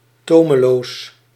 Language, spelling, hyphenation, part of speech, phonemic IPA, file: Dutch, tomeloos, to‧me‧loos, adjective, /ˈtoːməloːs/, Nl-tomeloos.ogg
- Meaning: unbridled